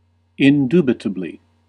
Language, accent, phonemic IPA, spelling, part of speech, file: English, US, /ɪnˈdu.bɪ.tə.bli/, indubitably, adverb, En-us-indubitably.ogg
- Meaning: In a manner that leaves no possibility of doubt